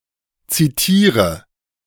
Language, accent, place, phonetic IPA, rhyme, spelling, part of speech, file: German, Germany, Berlin, [ˌt͡siˈtiːʁə], -iːʁə, zitiere, verb, De-zitiere.ogg
- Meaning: inflection of zitieren: 1. first-person singular present 2. singular imperative 3. first/third-person singular subjunctive I